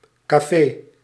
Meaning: 1. café; coffee shop 2. pub, bar 3. snackbar
- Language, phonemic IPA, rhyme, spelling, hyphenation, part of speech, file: Dutch, /kaːˈfeː/, -eː, café, ca‧fé, noun, Nl-café.ogg